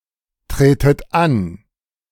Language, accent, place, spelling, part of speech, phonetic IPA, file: German, Germany, Berlin, tretet an, verb, [ˌtʁeːtət ˈan], De-tretet an.ogg
- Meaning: inflection of antreten: 1. second-person plural present 2. second-person plural subjunctive I 3. plural imperative